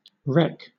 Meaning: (noun) 1. Clipping of recreation 2. Clipping of recreation ground 3. Clipping of recommendation; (verb) 1. To recommend 2. To record; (adjective) Clipping of recreational
- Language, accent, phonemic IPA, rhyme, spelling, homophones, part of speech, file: English, Southern England, /ɹɛk/, -ɛk, rec, recc / reck / wreck, noun / verb / adjective, LL-Q1860 (eng)-rec.wav